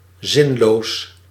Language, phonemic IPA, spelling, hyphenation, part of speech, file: Dutch, /ˈzɪn.loːs/, zinloos, zin‧loos, adjective, Nl-zinloos.ogg
- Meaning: pointless, senseless